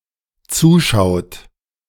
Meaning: inflection of zuschauen: 1. third-person singular dependent present 2. second-person plural dependent present
- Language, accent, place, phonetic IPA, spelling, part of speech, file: German, Germany, Berlin, [ˈt͡suːˌʃaʊ̯t], zuschaut, verb, De-zuschaut.ogg